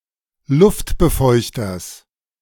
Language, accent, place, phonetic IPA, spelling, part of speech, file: German, Germany, Berlin, [ˈlʊftbəˌfɔɪ̯çtɐs], Luftbefeuchters, noun, De-Luftbefeuchters.ogg
- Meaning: genitive singular of Luftbefeuchter